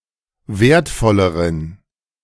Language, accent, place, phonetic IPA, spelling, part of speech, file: German, Germany, Berlin, [ˈveːɐ̯tˌfɔləʁən], wertvolleren, adjective, De-wertvolleren.ogg
- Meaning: inflection of wertvoll: 1. strong genitive masculine/neuter singular comparative degree 2. weak/mixed genitive/dative all-gender singular comparative degree